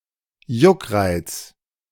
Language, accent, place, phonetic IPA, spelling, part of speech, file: German, Germany, Berlin, [ˈjʊkˌʁaɪ̯t͡s], Juckreiz, noun, De-Juckreiz.ogg
- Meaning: itch